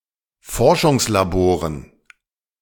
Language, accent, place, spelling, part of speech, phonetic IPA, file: German, Germany, Berlin, Forschungslaboren, noun, [ˈfɔʁʃʊŋslaˌboːʁən], De-Forschungslaboren.ogg
- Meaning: dative plural of Forschungslabor